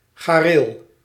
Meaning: horsecollar
- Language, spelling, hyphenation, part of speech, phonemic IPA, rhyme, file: Dutch, gareel, ga‧reel, noun, /ɣaːˈreːl/, -eːl, Nl-gareel.ogg